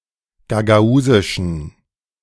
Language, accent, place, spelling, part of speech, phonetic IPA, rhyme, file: German, Germany, Berlin, gagausischen, adjective, [ɡaɡaˈuːzɪʃn̩], -uːzɪʃn̩, De-gagausischen.ogg
- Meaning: inflection of gagausisch: 1. strong genitive masculine/neuter singular 2. weak/mixed genitive/dative all-gender singular 3. strong/weak/mixed accusative masculine singular 4. strong dative plural